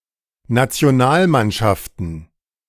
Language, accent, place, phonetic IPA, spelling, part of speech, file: German, Germany, Berlin, [nat͡si̯oˈnaːlˌmanʃaftn̩], Nationalmannschaften, noun, De-Nationalmannschaften.ogg
- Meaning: plural of Nationalmannschaft